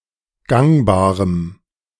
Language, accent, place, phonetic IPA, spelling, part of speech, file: German, Germany, Berlin, [ˈɡaŋbaːʁəm], gangbarem, adjective, De-gangbarem.ogg
- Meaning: strong dative masculine/neuter singular of gangbar